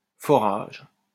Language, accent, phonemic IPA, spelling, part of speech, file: French, France, /fɔ.ʁaʒ/, forage, noun, LL-Q150 (fra)-forage.wav
- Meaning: drilling (act of drilling)